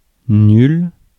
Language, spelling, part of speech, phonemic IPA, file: French, nul, determiner / adjective / noun / pronoun, /nyl/, Fr-nul.ogg
- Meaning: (determiner) 1. no, none 2. nil, zero; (adjective) 1. of poor quality, lousy, rubbish 2. lame; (noun) 1. a completely unskilled person 2. a draw; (pronoun) no one, nobody